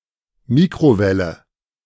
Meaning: 1. microwave, microwave oven 2. microwave
- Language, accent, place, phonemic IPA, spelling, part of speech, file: German, Germany, Berlin, /ˈmiːkʁoˌvɛlə/, Mikrowelle, noun, De-Mikrowelle.ogg